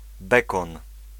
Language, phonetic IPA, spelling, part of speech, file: Polish, [ˈbɛkɔ̃n], bekon, noun, Pl-bekon.ogg